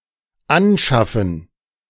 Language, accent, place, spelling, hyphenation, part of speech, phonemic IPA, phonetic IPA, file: German, Germany, Berlin, anschaffen, an‧schaf‧fen, verb, /ˈanˌʃafən/, [ˈʔanˌʃafn̩], De-anschaffen.ogg
- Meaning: 1. to get, to obtain in particular by bargain 2. to work as a prostitute, to prostitute oneself, to go on the game